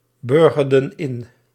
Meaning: inflection of inburgeren: 1. plural past indicative 2. plural past subjunctive
- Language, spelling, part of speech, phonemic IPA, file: Dutch, burgerden in, verb, /ˈbʏrɣərdə(n) ˈɪn/, Nl-burgerden in.ogg